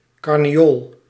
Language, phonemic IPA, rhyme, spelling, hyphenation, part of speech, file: Dutch, /ˌkɑr.neːˈoːl/, -oːl, carneool, car‧ne‧ool, noun, Nl-carneool.ogg
- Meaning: carnelian